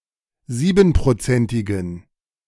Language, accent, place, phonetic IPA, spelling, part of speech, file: German, Germany, Berlin, [ˈziːbn̩pʁoˌt͡sɛntɪɡn̩], siebenprozentigen, adjective, De-siebenprozentigen.ogg
- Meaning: inflection of siebenprozentig: 1. strong genitive masculine/neuter singular 2. weak/mixed genitive/dative all-gender singular 3. strong/weak/mixed accusative masculine singular 4. strong dative plural